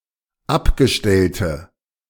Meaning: inflection of abgestellt: 1. strong/mixed nominative/accusative feminine singular 2. strong nominative/accusative plural 3. weak nominative all-gender singular
- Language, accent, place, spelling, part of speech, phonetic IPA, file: German, Germany, Berlin, abgestellte, adjective, [ˈapɡəˌʃtɛltə], De-abgestellte.ogg